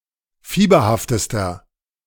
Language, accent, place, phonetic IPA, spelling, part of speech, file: German, Germany, Berlin, [ˈfiːbɐhaftəstɐ], fieberhaftester, adjective, De-fieberhaftester.ogg
- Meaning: inflection of fieberhaft: 1. strong/mixed nominative masculine singular superlative degree 2. strong genitive/dative feminine singular superlative degree 3. strong genitive plural superlative degree